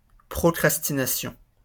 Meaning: procrastination
- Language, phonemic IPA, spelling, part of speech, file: French, /pʁɔ.kʁas.ti.na.sjɔ̃/, procrastination, noun, LL-Q150 (fra)-procrastination.wav